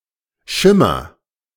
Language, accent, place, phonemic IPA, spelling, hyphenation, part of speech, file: German, Germany, Berlin, /ˈʃɪmɐ/, Schimmer, Schim‧mer, noun, De-Schimmer.ogg
- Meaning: 1. gleam, glimmer, flicker 2. clue